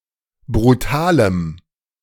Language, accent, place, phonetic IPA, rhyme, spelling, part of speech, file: German, Germany, Berlin, [bʁuˈtaːləm], -aːləm, brutalem, adjective, De-brutalem.ogg
- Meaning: strong dative masculine/neuter singular of brutal